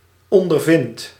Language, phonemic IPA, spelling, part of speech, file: Dutch, /ˌɔndərˈvɪnt/, ondervind, verb, Nl-ondervind.ogg
- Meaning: inflection of ondervinden: 1. first-person singular present indicative 2. second-person singular present indicative 3. imperative